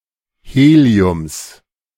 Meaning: genitive singular of Helium
- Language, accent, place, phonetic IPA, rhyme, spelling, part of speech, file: German, Germany, Berlin, [ˈheːli̯ʊms], -eːli̯ʊms, Heliums, noun, De-Heliums.ogg